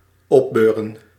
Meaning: 1. to lift up, to raise 2. to cheer up, to comfort
- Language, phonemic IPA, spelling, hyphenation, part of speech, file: Dutch, /ˈɔbørə(n)/, opbeuren, op‧beu‧ren, verb, Nl-opbeuren.ogg